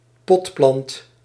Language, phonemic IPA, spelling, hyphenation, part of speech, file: Dutch, /ˈpɔt.plɑnt/, potplant, pot‧plant, noun, Nl-potplant.ogg
- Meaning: a pot plant, a potted plant